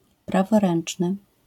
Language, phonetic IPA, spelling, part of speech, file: Polish, [ˌpravɔˈrɛ̃n͇t͡ʃnɨ], praworęczny, adjective / noun, LL-Q809 (pol)-praworęczny.wav